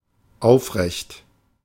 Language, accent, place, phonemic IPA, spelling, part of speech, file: German, Germany, Berlin, /ˈaʊ̯fˌʁɛçt/, aufrecht, adjective, De-aufrecht.ogg
- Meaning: 1. upright, erect, tall 2. yet present, not yet brought to fall 3. unbowed, brave, resolute 4. straightforward, honest, trustworthy